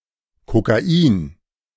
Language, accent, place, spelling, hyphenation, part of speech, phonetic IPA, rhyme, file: German, Germany, Berlin, Kokain, Ko‧ka‧in, noun, [ko.kaˈiːn], -iːn, De-Kokain.ogg
- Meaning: cocaine